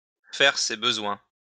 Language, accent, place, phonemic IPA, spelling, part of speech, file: French, France, Lyon, /fɛʁ se bə.zwɛ̃/, faire ses besoins, verb, LL-Q150 (fra)-faire ses besoins.wav
- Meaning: to do one's business, to relieve oneself